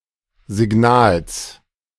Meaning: genitive singular of Signal
- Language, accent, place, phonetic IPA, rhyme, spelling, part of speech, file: German, Germany, Berlin, [zɪˈɡnaːls], -aːls, Signals, noun, De-Signals.ogg